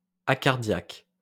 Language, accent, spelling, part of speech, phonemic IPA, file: French, France, acardiaque, adjective, /a.kaʁ.djak/, LL-Q150 (fra)-acardiaque.wav
- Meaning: acardiac